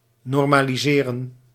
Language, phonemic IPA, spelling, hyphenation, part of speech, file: Dutch, /ˌnɔr.maː.liˈzeː.rə(n)/, normaliseren, nor‧ma‧li‧se‧ren, verb, Nl-normaliseren.ogg
- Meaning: 1. to normalize, to make normal 2. to normalize, to correct for variables or to adjust values to a given norm 3. to normalize, remove redundancy in data 4. to normalize, to standardize